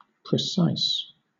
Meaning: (adjective) 1. Both exact and accurate 2. Consistent, clustered close together, agreeing with each other (this does not mean that they cluster near the true, correct, or accurate value)
- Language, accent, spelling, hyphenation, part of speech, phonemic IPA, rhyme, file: English, Southern England, precise, pre‧cise, adjective / verb, /pɹɪˈsaɪs/, -aɪs, LL-Q1860 (eng)-precise.wav